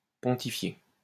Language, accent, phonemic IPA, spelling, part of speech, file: French, France, /pɔ̃.ti.fje/, pontifier, verb, LL-Q150 (fra)-pontifier.wav
- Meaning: to pontificate